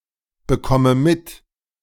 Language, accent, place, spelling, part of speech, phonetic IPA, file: German, Germany, Berlin, bekomme mit, verb, [bəˌkɔmə ˈmɪt], De-bekomme mit.ogg
- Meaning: inflection of mitbekommen: 1. first-person singular present 2. first/third-person singular subjunctive I 3. singular imperative